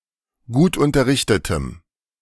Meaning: strong dative masculine/neuter singular of gutunterrichtet
- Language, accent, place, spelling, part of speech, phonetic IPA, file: German, Germany, Berlin, gutunterrichtetem, adjective, [ˈɡuːtʔʊntɐˌʁɪçtətəm], De-gutunterrichtetem.ogg